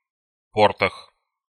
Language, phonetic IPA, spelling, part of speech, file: Russian, [pɐrˈtax], портах, noun, Ru-по́ртах.ogg
- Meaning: prepositional plural of порт (port)